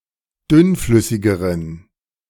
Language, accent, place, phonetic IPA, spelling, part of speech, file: German, Germany, Berlin, [ˈdʏnˌflʏsɪɡəʁən], dünnflüssigeren, adjective, De-dünnflüssigeren.ogg
- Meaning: inflection of dünnflüssig: 1. strong genitive masculine/neuter singular comparative degree 2. weak/mixed genitive/dative all-gender singular comparative degree